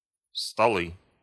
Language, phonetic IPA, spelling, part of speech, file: Russian, [stɐˈɫɨ], столы, noun, Ru-столы.ogg
- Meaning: nominative/accusative plural of стол (stol)